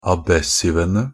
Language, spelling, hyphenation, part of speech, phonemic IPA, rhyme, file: Norwegian Bokmål, abessivene, ab‧es‧siv‧en‧e, noun, /aˈbɛsːɪʋənə/, -ənə, NB - Pronunciation of Norwegian Bokmål «abessivene».ogg
- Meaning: definite plural of abessiv